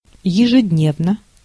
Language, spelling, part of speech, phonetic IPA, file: Russian, ежедневно, adverb / adjective, [(j)ɪʐɨdʲˈnʲevnə], Ru-ежедневно.ogg
- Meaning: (adverb) daily (every day); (adjective) short neuter singular of ежедне́вный (ježednévnyj)